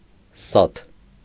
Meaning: 1. amber 2. black amber, jet
- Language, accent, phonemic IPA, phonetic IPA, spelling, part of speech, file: Armenian, Eastern Armenian, /sɑtʰ/, [sɑtʰ], սաթ, noun, Hy-սաթ.ogg